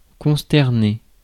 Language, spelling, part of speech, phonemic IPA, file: French, consterner, verb, /kɔ̃s.tɛʁ.ne/, Fr-consterner.ogg
- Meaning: to alarm, to dismay